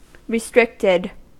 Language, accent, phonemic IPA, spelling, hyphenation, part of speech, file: English, US, /ɹɪˈstɹɪktɪd/, restricted, re‧strict‧ed, verb / adjective, En-us-restricted.ogg
- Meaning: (verb) simple past and past participle of restrict; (adjective) 1. Limited within bounds 2. Available only to certain authorized groups of people